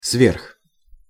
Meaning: above, over, beyond
- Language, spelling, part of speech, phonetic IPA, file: Russian, сверх, preposition, [svʲerx], Ru-сверх.ogg